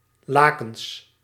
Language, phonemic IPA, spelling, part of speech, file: Dutch, /ˈlakəns/, lakens, noun / adjective, Nl-lakens.ogg
- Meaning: plural of laken